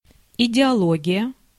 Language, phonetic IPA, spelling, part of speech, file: Russian, [ɪdʲɪɐˈɫoɡʲɪjə], идеология, noun, Ru-идеология.ogg
- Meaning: ideology (doctrine, body of ideas)